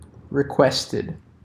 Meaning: simple past and past participle of request
- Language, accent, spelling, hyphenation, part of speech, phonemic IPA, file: English, US, requested, re‧quest‧ed, verb, /ɹɪˈkwɛstɪd/, En-US-requested.ogg